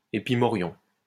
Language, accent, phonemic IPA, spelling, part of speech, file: French, France, /e.pi.mɔ.ʁjɔ̃/, épimorion, noun, LL-Q150 (fra)-épimorion.wav
- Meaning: epimorion